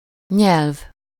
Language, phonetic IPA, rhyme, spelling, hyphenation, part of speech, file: Hungarian, [ˈɲɛlv], -ɛlv, nyelv, nyelv, noun, Hu-nyelv.ogg
- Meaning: 1. tongue (the fleshy muscular organ in the mouth of a mammal) 2. language (a method of interhuman communication)